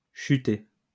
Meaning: 1. to fall, to drop 2. to drop, to decrease (of numbers)
- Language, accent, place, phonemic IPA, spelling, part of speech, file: French, France, Lyon, /ʃy.te/, chuter, verb, LL-Q150 (fra)-chuter.wav